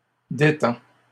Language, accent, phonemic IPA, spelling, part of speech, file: French, Canada, /de.tɑ̃/, détends, verb, LL-Q150 (fra)-détends.wav
- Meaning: inflection of détendre: 1. first/second-person singular present indicative 2. second-person singular imperative